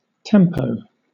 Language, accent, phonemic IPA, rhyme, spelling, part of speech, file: English, Southern England, /ˈtɛm.pəʊ/, -ɛmpəʊ, tempo, noun, LL-Q1860 (eng)-tempo.wav
- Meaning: A frequency or rate